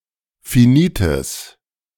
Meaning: strong/mixed nominative/accusative neuter singular of finit
- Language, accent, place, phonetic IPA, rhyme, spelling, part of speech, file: German, Germany, Berlin, [fiˈniːtəs], -iːtəs, finites, adjective, De-finites.ogg